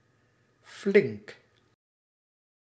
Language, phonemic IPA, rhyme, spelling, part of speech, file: Dutch, /flɪŋk/, -ɪŋk, flink, adjective / adverb / noun, Nl-flink.ogg
- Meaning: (adjective) 1. large, considerable 2. stalwart, brave, sturdy; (adverb) considerably, very; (noun) A sturdy or stalwart person